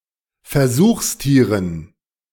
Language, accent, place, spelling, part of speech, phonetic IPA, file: German, Germany, Berlin, Versuchstieren, noun, [fɛɐ̯ˈzuːxsˌtiːʁən], De-Versuchstieren.ogg
- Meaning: dative plural of Versuchstier